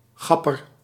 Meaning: thief
- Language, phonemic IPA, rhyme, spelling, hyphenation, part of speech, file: Dutch, /ˈɣɑ.pər/, -ɑpər, gapper, gap‧per, noun, Nl-gapper.ogg